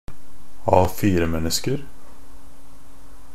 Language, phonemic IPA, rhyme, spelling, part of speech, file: Norwegian Bokmål, /ˈɑːfiːrəmɛnːəskər/, -ər, A4-mennesker, noun, NB - Pronunciation of Norwegian Bokmål «A4-mennesker».ogg
- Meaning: indefinite plural of A4-menneske